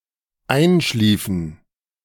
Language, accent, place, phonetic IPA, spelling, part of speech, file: German, Germany, Berlin, [ˈaɪ̯nˌʃliːfn̩], einschliefen, verb, De-einschliefen.ogg
- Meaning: inflection of einschlafen: 1. first/third-person plural dependent preterite 2. first/third-person plural dependent subjunctive II